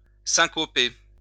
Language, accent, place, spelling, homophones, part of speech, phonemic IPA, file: French, France, Lyon, syncoper, syncopai / syncopé / syncopée / syncopées / syncopés / syncopez, verb, /sɛ̃.kɔ.pe/, LL-Q150 (fra)-syncoper.wav
- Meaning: to syncopate